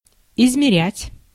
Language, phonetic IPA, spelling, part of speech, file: Russian, [ɪzmʲɪˈrʲætʲ], измерять, verb, Ru-измерять.ogg
- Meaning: 1. to measure (ascertain the quantity of a unit) 2. to cheat in measuring, to give short measure